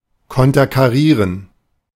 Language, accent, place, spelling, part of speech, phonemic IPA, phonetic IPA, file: German, Germany, Berlin, konterkarieren, verb, /kɔntəʁkaˈʁiːʁən/, [kʰɔntʰɐkʰaˈʁiːɐ̯n], De-konterkarieren.ogg
- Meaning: to thwart